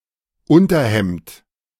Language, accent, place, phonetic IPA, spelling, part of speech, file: German, Germany, Berlin, [ˈʊntɐˌhɛmt], Unterhemd, noun, De-Unterhemd.ogg
- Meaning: undershirt